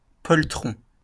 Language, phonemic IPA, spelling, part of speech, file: French, /pɔl.tʁɔ̃/, poltron, noun / adjective, LL-Q150 (fra)-poltron.wav
- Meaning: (noun) coward; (adjective) cowardly